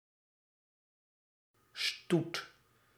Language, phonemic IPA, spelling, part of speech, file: Dutch, /stut/, stoet, noun, Nl-stoet.ogg
- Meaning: 1. procession 2. bread